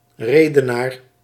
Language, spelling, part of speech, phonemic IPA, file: Dutch, redenaar, noun, /ˈreː.dəˌnaːr/, Nl-redenaar.ogg
- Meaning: orator